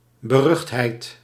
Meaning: infamy, notoriety
- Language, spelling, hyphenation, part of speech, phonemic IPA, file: Dutch, beruchtheid, be‧rucht‧heid, noun, /bəˈrʏxtˌɦɛi̯t/, Nl-beruchtheid.ogg